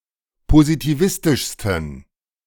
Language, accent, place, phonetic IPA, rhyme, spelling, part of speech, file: German, Germany, Berlin, [pozitiˈvɪstɪʃstn̩], -ɪstɪʃstn̩, positivistischsten, adjective, De-positivistischsten.ogg
- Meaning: 1. superlative degree of positivistisch 2. inflection of positivistisch: strong genitive masculine/neuter singular superlative degree